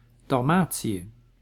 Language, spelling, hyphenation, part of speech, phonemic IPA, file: Dutch, Dalmatië, Dal‧ma‧tië, proper noun, /ˌdɑlˈmaː.(t)si.ə/, Nl-Dalmatië.ogg
- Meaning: 1. Dalmatia (a historical region of Croatia, on the eastern coast of the Adriatic Sea) 2. Dalmatia (a province of the Roman Empire)